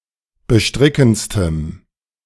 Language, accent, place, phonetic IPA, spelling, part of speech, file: German, Germany, Berlin, [bəˈʃtʁɪkn̩t͡stəm], bestrickendstem, adjective, De-bestrickendstem.ogg
- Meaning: strong dative masculine/neuter singular superlative degree of bestrickend